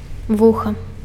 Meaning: ear
- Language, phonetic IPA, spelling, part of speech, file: Belarusian, [ˈvuxa], вуха, noun, Be-вуха.ogg